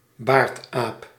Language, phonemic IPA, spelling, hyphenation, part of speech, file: Dutch, /ˈbaːrt.aːp/, baardaap, baard‧aap, noun, Nl-baardaap.ogg
- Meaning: 1. the lion-tailed macaque (Macaca silenus) 2. someone with a (large) beard